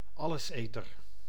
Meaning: omnivore, creature eating both plants and other animals
- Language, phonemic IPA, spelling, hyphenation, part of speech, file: Dutch, /ˈɑ.ləsˌeː.tər/, alleseter, al‧les‧eter, noun, Nl-alleseter.ogg